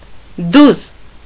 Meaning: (adjective) 1. flat, even, level 2. straight, even (not crooked or bent) 3. straight, honest, sincere 4. true, right (not a lie) 5. straightforward, direct; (adverb) flatly, evenly, levelly
- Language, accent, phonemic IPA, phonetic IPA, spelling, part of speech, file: Armenian, Eastern Armenian, /duz/, [duz], դուզ, adjective / adverb, Hy-դուզ.ogg